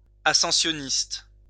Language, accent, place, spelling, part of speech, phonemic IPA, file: French, France, Lyon, ascensionniste, noun, /a.sɑ̃.sjɔ.nist/, LL-Q150 (fra)-ascensionniste.wav
- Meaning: climber